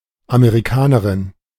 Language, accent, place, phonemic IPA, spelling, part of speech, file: German, Germany, Berlin, /ameʁiˈkaːnəʁɪn/, Amerikanerin, noun, De-Amerikanerin.ogg
- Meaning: 1. American (female), a girl or woman from the Americas (the American continent) 2. American (female), a girl or woman from America (the United States of America)